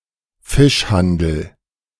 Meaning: 1. fish trade 2. fish shop
- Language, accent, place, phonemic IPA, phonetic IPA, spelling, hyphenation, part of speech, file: German, Germany, Berlin, /ˈfɪʃˌhandəl/, [ˈfɪʃˌhandl̩], Fischhandel, Fisch‧han‧del, noun, De-Fischhandel.ogg